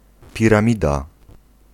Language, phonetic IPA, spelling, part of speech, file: Polish, [ˌpʲirãˈmʲida], piramida, noun, Pl-piramida.ogg